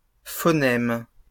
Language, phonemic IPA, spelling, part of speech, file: French, /fɔ.nɛm/, phonèmes, noun, LL-Q150 (fra)-phonèmes.wav
- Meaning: plural of phonème